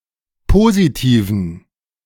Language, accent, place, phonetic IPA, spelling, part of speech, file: German, Germany, Berlin, [ˈpoːzitiːvn̩], Positiven, noun, De-Positiven.ogg
- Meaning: dative plural of Positiv